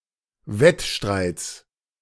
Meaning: genitive of Wettstreit
- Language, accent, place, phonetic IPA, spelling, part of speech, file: German, Germany, Berlin, [ˈvɛtˌʃtʁaɪ̯t͡s], Wettstreits, noun, De-Wettstreits.ogg